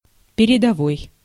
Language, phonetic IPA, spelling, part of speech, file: Russian, [pʲɪrʲɪdɐˈvoj], передовой, adjective / noun, Ru-передовой.ogg
- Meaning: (adjective) progressive, leading, foremost, headmost, forward, advanced; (noun) genitive/dative/instrumental/prepositional singular of передова́я (peredovája)